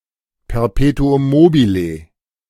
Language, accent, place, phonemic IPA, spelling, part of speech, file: German, Germany, Berlin, /pɛɐˈpe.tʊ.ʊm ˈmoː.bɪ.le/, Perpetuum mobile, noun, De-Perpetuum mobile.ogg
- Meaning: perpetual motion machine